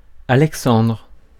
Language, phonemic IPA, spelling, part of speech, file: French, /a.lɛk.sɑ̃dʁ/, Alexandre, proper noun, Fr-Alexandre.ogg
- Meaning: 1. a male given name, equivalent to English Alexander 2. a surname originating as a patronymic